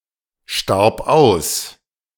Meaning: first/third-person singular preterite of aussterben
- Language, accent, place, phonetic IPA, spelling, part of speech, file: German, Germany, Berlin, [ˌʃtaʁp ˈaʊ̯s], starb aus, verb, De-starb aus.ogg